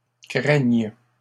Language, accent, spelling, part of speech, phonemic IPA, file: French, Canada, craignent, verb, /kʁɛɲ/, LL-Q150 (fra)-craignent.wav
- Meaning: third-person plural present indicative/subjunctive of craindre